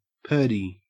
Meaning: Pronunciation spelling of pretty
- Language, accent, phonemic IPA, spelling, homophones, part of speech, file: English, Australia, /ˈpɜɹ.di/, purdy, Purdey, adjective, En-au-purdy.ogg